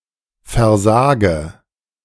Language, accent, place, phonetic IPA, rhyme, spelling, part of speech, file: German, Germany, Berlin, [fɛɐ̯ˈzaːɡə], -aːɡə, versage, verb, De-versage.ogg
- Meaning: inflection of versagen: 1. first-person singular present 2. first/third-person singular subjunctive I 3. singular imperative